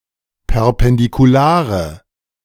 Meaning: inflection of perpendikular: 1. strong/mixed nominative/accusative feminine singular 2. strong nominative/accusative plural 3. weak nominative all-gender singular
- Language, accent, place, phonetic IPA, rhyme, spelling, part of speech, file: German, Germany, Berlin, [pɛʁpɛndikuˈlaːʁə], -aːʁə, perpendikulare, adjective, De-perpendikulare.ogg